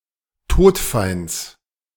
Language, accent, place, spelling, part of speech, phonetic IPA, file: German, Germany, Berlin, Todfeinds, noun, [ˈtoːtˌfaɪ̯nt͡s], De-Todfeinds.ogg
- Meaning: genitive singular of Todfeind